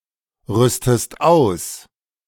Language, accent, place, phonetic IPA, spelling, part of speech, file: German, Germany, Berlin, [ˌʁʏstəst ˈaʊ̯s], rüstest aus, verb, De-rüstest aus.ogg
- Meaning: inflection of ausrüsten: 1. second-person singular present 2. second-person singular subjunctive I